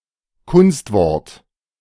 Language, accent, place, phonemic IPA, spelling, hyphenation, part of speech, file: German, Germany, Berlin, /ˈkʊnstˌvɔʁt/, Kunstwort, Kunst‧wort, noun, De-Kunstwort.ogg
- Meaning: 1. technical term 2. coinage, neologism 3. a word created in a deliberate way that is not considered natural to the rules of the language